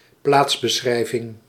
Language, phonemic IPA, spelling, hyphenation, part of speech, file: Dutch, /ˈplaːts.bəˌsxrɛi̯.vɪŋ/, plaatsbeschrijving, plaats‧be‧schrij‧ving, noun, Nl-plaatsbeschrijving.ogg
- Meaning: inventory of fixtures